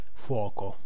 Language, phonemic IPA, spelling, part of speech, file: Italian, /ˈfwɔko/, fuoco, phrase / noun, It-fuoco.ogg